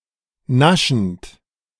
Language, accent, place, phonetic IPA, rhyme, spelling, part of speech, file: German, Germany, Berlin, [ˈnaʃn̩t], -aʃn̩t, naschend, verb, De-naschend.ogg
- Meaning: present participle of naschen